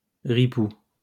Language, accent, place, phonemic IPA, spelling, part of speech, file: French, France, Lyon, /ʁi.pu/, ripoue, adjective, LL-Q150 (fra)-ripoue.wav
- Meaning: feminine singular of ripou